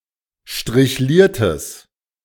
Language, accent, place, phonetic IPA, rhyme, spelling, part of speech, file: German, Germany, Berlin, [ʃtʁɪçˈliːɐ̯təs], -iːɐ̯təs, strichliertes, adjective, De-strichliertes.ogg
- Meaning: strong/mixed nominative/accusative neuter singular of strichliert